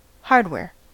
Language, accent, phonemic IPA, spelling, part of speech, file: English, US, /ˈhɑɹdˌwɛɹ/, hardware, noun, En-us-hardware.ogg